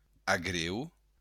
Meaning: holly
- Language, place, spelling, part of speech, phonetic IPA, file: Occitan, Béarn, agreu, noun, [aˈɣɾew], LL-Q14185 (oci)-agreu.wav